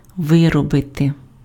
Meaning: 1. to manufacture, to produce, to make 2. to work out, to elaborate 3. to work out, to exhaust
- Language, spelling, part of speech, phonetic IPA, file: Ukrainian, виробити, verb, [ˈʋɪrɔbete], Uk-виробити.ogg